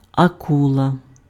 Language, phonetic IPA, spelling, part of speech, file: Ukrainian, [ɐˈkuɫɐ], акула, noun, Uk-акула.ogg
- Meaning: shark